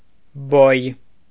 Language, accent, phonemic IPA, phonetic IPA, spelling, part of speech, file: Armenian, Eastern Armenian, /boj/, [boj], բոյ, noun, Hy-բոյ.ogg
- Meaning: height, stature of a person